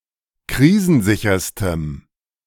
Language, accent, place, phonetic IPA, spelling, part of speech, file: German, Germany, Berlin, [ˈkʁiːzn̩ˌzɪçɐstəm], krisensicherstem, adjective, De-krisensicherstem.ogg
- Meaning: strong dative masculine/neuter singular superlative degree of krisensicher